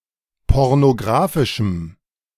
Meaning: strong dative masculine/neuter singular of pornografisch
- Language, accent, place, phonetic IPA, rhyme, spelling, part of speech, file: German, Germany, Berlin, [ˌpɔʁnoˈɡʁaːfɪʃm̩], -aːfɪʃm̩, pornografischem, adjective, De-pornografischem.ogg